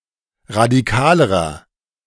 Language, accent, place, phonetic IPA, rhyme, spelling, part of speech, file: German, Germany, Berlin, [ʁadiˈkaːləʁɐ], -aːləʁɐ, radikalerer, adjective, De-radikalerer.ogg
- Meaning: inflection of radikal: 1. strong/mixed nominative masculine singular comparative degree 2. strong genitive/dative feminine singular comparative degree 3. strong genitive plural comparative degree